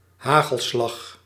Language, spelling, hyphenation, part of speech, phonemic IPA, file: Dutch, hagelslag, ha‧gel‧slag, noun, /ˈɦaː.ɣəlˌslɑx/, Nl-hagelslag.ogg
- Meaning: 1. hundreds and thousands, sprinkles (elongated and often made of chocolate); jimmies 2. hailstorm, particularly a severe one